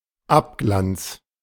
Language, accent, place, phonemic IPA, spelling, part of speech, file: German, Germany, Berlin, /ˈapˌɡlant͡s/, Abglanz, noun, De-Abglanz.ogg
- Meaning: reflection